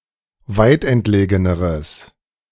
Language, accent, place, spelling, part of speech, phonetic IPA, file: German, Germany, Berlin, weitentlegeneres, adjective, [ˈvaɪ̯tʔɛntˌleːɡənəʁəs], De-weitentlegeneres.ogg
- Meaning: strong/mixed nominative/accusative neuter singular comparative degree of weitentlegen